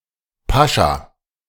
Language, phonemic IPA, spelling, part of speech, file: German, /ˈpaʃa/, Pascha, noun, De-Pascha.ogg
- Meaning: 1. pasha (high-ranking Turkish military officer) 2. a patriarch, male chauvinist, who expects to be served by his wife or other females in the household 3. Pascha, Passover (feast)